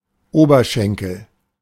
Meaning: 1. thigh (upper leg) 2. femur, thighbone
- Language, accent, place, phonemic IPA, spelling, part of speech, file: German, Germany, Berlin, /ˈoːbɐˌʃɛŋkl̩/, Oberschenkel, noun, De-Oberschenkel.ogg